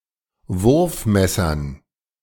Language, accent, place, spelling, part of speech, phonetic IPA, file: German, Germany, Berlin, Wurfmessern, noun, [ˈvʊʁfˌmɛsɐn], De-Wurfmessern.ogg
- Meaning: dative plural of Wurfmesser